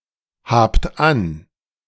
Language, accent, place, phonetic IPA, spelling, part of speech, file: German, Germany, Berlin, [ˌhaːpt ˈan], habt an, verb, De-habt an.ogg
- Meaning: inflection of anhaben: 1. second-person plural present 2. plural imperative